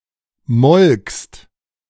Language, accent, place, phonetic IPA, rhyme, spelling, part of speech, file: German, Germany, Berlin, [mɔlkst], -ɔlkst, molkst, verb, De-molkst.ogg
- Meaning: second-person singular preterite of melken